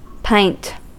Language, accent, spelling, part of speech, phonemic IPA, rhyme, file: English, US, pint, noun, /paɪnt/, -aɪnt, En-us-pint.ogg
- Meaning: A unit of volume, equivalent to: one eighth of a gallon, specifically: 20 fluid ounces, approximately 568 millilitres (an imperial pint)